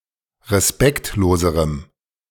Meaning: strong dative masculine/neuter singular comparative degree of respektlos
- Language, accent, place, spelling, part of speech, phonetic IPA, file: German, Germany, Berlin, respektloserem, adjective, [ʁeˈspɛktloːzəʁəm], De-respektloserem.ogg